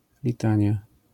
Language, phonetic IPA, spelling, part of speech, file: Polish, [lʲiˈtãɲja], litania, noun, LL-Q809 (pol)-litania.wav